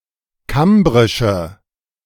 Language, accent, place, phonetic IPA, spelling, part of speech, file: German, Germany, Berlin, [ˈkambʁɪʃə], kambrische, adjective, De-kambrische.ogg
- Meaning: inflection of kambrisch: 1. strong/mixed nominative/accusative feminine singular 2. strong nominative/accusative plural 3. weak nominative all-gender singular